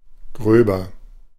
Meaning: comparative degree of grob
- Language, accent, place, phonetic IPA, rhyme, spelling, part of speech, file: German, Germany, Berlin, [ˈɡʁøːbɐ], -øːbɐ, gröber, adjective, De-gröber.ogg